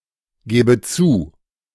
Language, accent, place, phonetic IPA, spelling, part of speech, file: German, Germany, Berlin, [ˌɡeːbə ˈt͡suː], gebe zu, verb, De-gebe zu.ogg
- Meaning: inflection of zugeben: 1. first-person singular present 2. first/third-person singular subjunctive I